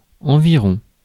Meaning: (adverb) about, close to, around; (noun) a surrounding area
- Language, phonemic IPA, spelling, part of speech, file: French, /ɑ̃.vi.ʁɔ̃/, environ, adverb / noun, Fr-environ.ogg